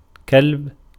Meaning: dog
- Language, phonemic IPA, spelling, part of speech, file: Arabic, /kalb/, كلب, noun, Ar-كلب.ogg